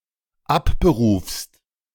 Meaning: second-person singular dependent present of abberufen
- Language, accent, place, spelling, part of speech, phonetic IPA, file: German, Germany, Berlin, abberufst, verb, [ˈapbəˌʁuːfst], De-abberufst.ogg